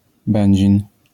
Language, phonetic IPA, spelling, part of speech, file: Polish, [ˈbɛ̃ɲd͡ʑĩn], Będzin, proper noun, LL-Q809 (pol)-Będzin.wav